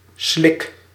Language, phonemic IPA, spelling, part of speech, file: Dutch, /slɪk/, slik, noun / verb, Nl-slik.ogg
- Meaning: inflection of slikken: 1. first-person singular present indicative 2. second-person singular present indicative 3. imperative